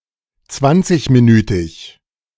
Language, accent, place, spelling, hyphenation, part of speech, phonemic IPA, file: German, Germany, Berlin, zwanzigminütig, zwan‧zig‧mi‧nü‧tig, adjective, /ˈt͡svant͡sɪçmiˌnyːtɪç/, De-zwanzigminütig.ogg
- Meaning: twenty-minute